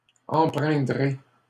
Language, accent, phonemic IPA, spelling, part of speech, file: French, Canada, /ɑ̃.pʁɛ̃.dʁe/, empreindrez, verb, LL-Q150 (fra)-empreindrez.wav
- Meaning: second-person plural simple future of empreindre